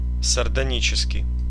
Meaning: sardonic (scornfully mocking)
- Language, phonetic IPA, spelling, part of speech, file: Russian, [sərdɐˈnʲit͡ɕɪskʲɪj], сардонический, adjective, Ru-сардонический.ogg